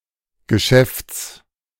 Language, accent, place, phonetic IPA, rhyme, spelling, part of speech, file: German, Germany, Berlin, [ɡəˈʃɛft͡s], -ɛft͡s, Geschäfts, noun, De-Geschäfts.ogg
- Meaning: genitive singular of Geschäft